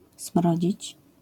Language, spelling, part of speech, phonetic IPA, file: Polish, smrodzić, verb, [ˈsm̥rɔd͡ʑit͡ɕ], LL-Q809 (pol)-smrodzić.wav